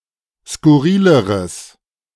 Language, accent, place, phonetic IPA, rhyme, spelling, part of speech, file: German, Germany, Berlin, [skʊˈʁiːləʁəs], -iːləʁəs, skurrileres, adjective, De-skurrileres.ogg
- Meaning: strong/mixed nominative/accusative neuter singular comparative degree of skurril